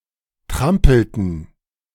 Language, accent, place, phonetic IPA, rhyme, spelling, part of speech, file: German, Germany, Berlin, [ˈtʁampl̩tn̩], -ampl̩tn̩, trampelten, verb, De-trampelten.ogg
- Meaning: inflection of trampeln: 1. first/third-person plural preterite 2. first/third-person plural subjunctive II